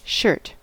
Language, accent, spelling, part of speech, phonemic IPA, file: English, General American, shirt, noun / verb, /ʃɜɹt/, En-us-shirt.ogg
- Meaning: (noun) 1. An article of clothing that is worn on the upper part of the body, often with sleeves that cover some or all of the arms 2. An interior lining in a blast furnace